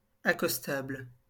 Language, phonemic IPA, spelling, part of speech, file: French, /a.kɔs.tabl/, accostable, adjective, LL-Q150 (fra)-accostable.wav
- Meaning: 1. approachable (of a person) 2. dockable (at which you can land a boat)